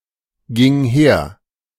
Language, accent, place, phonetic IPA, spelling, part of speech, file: German, Germany, Berlin, [ˌɡɪŋ ˈheːɐ̯], ging her, verb, De-ging her.ogg
- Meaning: first/third-person singular preterite of hergehen